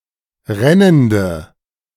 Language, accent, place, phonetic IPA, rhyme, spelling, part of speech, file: German, Germany, Berlin, [ˈʁɛnəndə], -ɛnəndə, rennende, adjective, De-rennende.ogg
- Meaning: inflection of rennend: 1. strong/mixed nominative/accusative feminine singular 2. strong nominative/accusative plural 3. weak nominative all-gender singular 4. weak accusative feminine/neuter singular